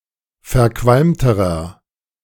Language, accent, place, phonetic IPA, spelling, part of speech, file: German, Germany, Berlin, [fɛɐ̯ˈkvalmtəʁɐ], verqualmterer, adjective, De-verqualmterer.ogg
- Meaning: inflection of verqualmt: 1. strong/mixed nominative masculine singular comparative degree 2. strong genitive/dative feminine singular comparative degree 3. strong genitive plural comparative degree